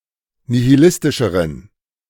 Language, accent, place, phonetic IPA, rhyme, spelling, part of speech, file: German, Germany, Berlin, [nihiˈlɪstɪʃəʁən], -ɪstɪʃəʁən, nihilistischeren, adjective, De-nihilistischeren.ogg
- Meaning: inflection of nihilistisch: 1. strong genitive masculine/neuter singular comparative degree 2. weak/mixed genitive/dative all-gender singular comparative degree